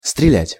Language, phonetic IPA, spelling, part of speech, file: Russian, [strʲɪˈlʲætʲ], стрелять, verb, Ru-стрелять.ogg
- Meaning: 1. to shoot, to fire 2. to shoot feel acute pains 3. to cadge